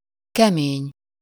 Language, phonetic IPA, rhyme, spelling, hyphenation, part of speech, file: Hungarian, [ˈkɛmeːɲ], -eːɲ, kemény, ke‧mény, adjective, Hu-kemény.ogg
- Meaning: 1. hard (resistant to pressure) 2. hard (demanding a lot of effort to endure)